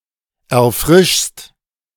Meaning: second-person singular present of erfrischen
- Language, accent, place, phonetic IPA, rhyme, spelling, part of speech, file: German, Germany, Berlin, [ɛɐ̯ˈfʁɪʃst], -ɪʃst, erfrischst, verb, De-erfrischst.ogg